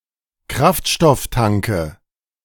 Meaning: nominative/accusative/genitive plural of Kraftstofftank
- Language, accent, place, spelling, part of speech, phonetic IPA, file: German, Germany, Berlin, Kraftstofftanke, noun, [ˈkʁaftʃtɔfˌtaŋkə], De-Kraftstofftanke.ogg